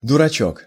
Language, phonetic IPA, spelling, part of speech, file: Russian, [dʊrɐˈt͡ɕɵk], дурачок, noun, Ru-дурачок.ogg
- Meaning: diminutive of дура́к (durák): fool, idiot, imbecile